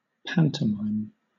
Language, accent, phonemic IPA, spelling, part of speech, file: English, Southern England, /ˈpæn.təˌmʌɪm/, pantomime, noun / verb, LL-Q1860 (eng)-pantomime.wav
- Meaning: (noun) A Classical comic actor, especially one who works mainly through gesture and mime